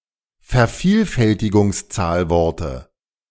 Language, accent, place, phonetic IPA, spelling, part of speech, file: German, Germany, Berlin, [fɛɐ̯ˈfiːlfɛltɪɡʊŋsˌt͡saːlvɔʁtə], Vervielfältigungszahlworte, noun, De-Vervielfältigungszahlworte.ogg
- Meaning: dative singular of Vervielfältigungszahlwort